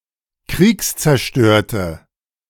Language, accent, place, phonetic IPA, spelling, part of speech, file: German, Germany, Berlin, [ˈkʁiːkst͡sɛɐ̯ˌʃtøːɐ̯tə], kriegszerstörte, adjective, De-kriegszerstörte.ogg
- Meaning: inflection of kriegszerstört: 1. strong/mixed nominative/accusative feminine singular 2. strong nominative/accusative plural 3. weak nominative all-gender singular